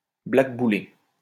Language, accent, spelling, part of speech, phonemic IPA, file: French, France, blackbouler, verb, /blak.bu.le/, LL-Q150 (fra)-blackbouler.wav
- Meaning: to blackball